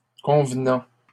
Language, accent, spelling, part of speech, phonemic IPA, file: French, Canada, convenant, verb / adjective / noun, /kɔ̃v.nɑ̃/, LL-Q150 (fra)-convenant.wav
- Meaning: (verb) present participle of convenir; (adjective) suitable, appropriate; conventional; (noun) convention